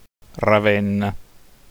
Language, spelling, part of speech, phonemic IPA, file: Italian, Ravenna, proper noun, /ra.ˈven.na/, It-Ravenna.ogg